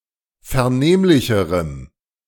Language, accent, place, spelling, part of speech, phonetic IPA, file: German, Germany, Berlin, vernehmlicherem, adjective, [fɛɐ̯ˈneːmlɪçəʁəm], De-vernehmlicherem.ogg
- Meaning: strong dative masculine/neuter singular comparative degree of vernehmlich